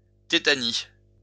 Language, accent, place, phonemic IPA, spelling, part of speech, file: French, France, Lyon, /te.ta.ni/, tétanie, noun, LL-Q150 (fra)-tétanie.wav
- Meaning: tetany